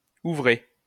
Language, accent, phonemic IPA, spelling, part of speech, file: French, France, /u.vʁe/, ouvré, verb / adjective, LL-Q150 (fra)-ouvré.wav
- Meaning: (verb) past participle of ouvrer; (adjective) working, work